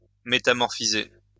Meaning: to metamorphosize
- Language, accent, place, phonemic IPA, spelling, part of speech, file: French, France, Lyon, /me.ta.mɔʁ.fi.ze/, métamorphiser, verb, LL-Q150 (fra)-métamorphiser.wav